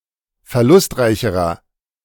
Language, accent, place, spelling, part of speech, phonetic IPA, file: German, Germany, Berlin, verlustreicherer, adjective, [fɛɐ̯ˈlʊstˌʁaɪ̯çəʁɐ], De-verlustreicherer.ogg
- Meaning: inflection of verlustreich: 1. strong/mixed nominative masculine singular comparative degree 2. strong genitive/dative feminine singular comparative degree 3. strong genitive plural comparative degree